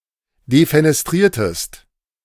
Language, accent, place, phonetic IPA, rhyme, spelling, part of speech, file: German, Germany, Berlin, [defenɛsˈtʁiːɐ̯təst], -iːɐ̯təst, defenestriertest, verb, De-defenestriertest.ogg
- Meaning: inflection of defenestrieren: 1. second-person singular preterite 2. second-person singular subjunctive II